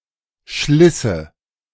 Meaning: first/third-person singular subjunctive II of schleißen
- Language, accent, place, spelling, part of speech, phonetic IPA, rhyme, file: German, Germany, Berlin, schlisse, verb, [ˈʃlɪsə], -ɪsə, De-schlisse.ogg